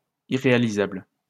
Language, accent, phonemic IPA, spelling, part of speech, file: French, France, /i.ʁe.a.li.zabl/, irréalisable, adjective, LL-Q150 (fra)-irréalisable.wav
- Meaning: 1. unrealizable 2. impracticable